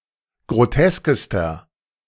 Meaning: inflection of grotesk: 1. strong/mixed nominative masculine singular superlative degree 2. strong genitive/dative feminine singular superlative degree 3. strong genitive plural superlative degree
- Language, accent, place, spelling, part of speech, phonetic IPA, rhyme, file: German, Germany, Berlin, groteskester, adjective, [ɡʁoˈtɛskəstɐ], -ɛskəstɐ, De-groteskester.ogg